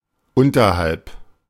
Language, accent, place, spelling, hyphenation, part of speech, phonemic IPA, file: German, Germany, Berlin, unterhalb, un‧ter‧halb, preposition, /ˈʊntɐhalp/, De-unterhalb.ogg
- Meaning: below